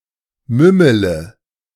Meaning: inflection of mümmeln: 1. first-person singular present 2. first-person plural subjunctive I 3. third-person singular subjunctive I 4. singular imperative
- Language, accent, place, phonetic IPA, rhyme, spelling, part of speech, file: German, Germany, Berlin, [ˈmʏmələ], -ʏmələ, mümmele, verb, De-mümmele.ogg